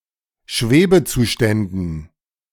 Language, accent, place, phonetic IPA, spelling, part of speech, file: German, Germany, Berlin, [ˈʃveːbəˌt͡suːʃtɛndn̩], Schwebezuständen, noun, De-Schwebezuständen.ogg
- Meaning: dative plural of Schwebezustand